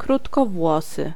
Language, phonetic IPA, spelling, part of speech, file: Polish, [ˌkrutkɔˈvwɔsɨ], krótkowłosy, adjective / noun, Pl-krótkowłosy.ogg